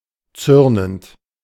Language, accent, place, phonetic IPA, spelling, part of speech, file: German, Germany, Berlin, [ˈt͡sʏʁnənt], zürnend, verb, De-zürnend.ogg
- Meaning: present participle of zürnen